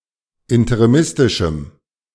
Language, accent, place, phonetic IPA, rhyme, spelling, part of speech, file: German, Germany, Berlin, [ɪntəʁiˈmɪstɪʃm̩], -ɪstɪʃm̩, interimistischem, adjective, De-interimistischem.ogg
- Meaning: strong dative masculine/neuter singular of interimistisch